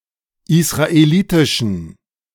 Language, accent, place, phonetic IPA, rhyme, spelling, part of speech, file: German, Germany, Berlin, [ɪsʁaeˈliːtɪʃn̩], -iːtɪʃn̩, israelitischen, adjective, De-israelitischen.ogg
- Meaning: inflection of israelitisch: 1. strong genitive masculine/neuter singular 2. weak/mixed genitive/dative all-gender singular 3. strong/weak/mixed accusative masculine singular 4. strong dative plural